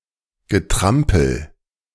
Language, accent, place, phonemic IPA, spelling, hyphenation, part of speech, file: German, Germany, Berlin, /ɡəˈtʁampl̩/, Getrampel, Ge‧tram‧pel, noun, De-Getrampel.ogg
- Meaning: tramping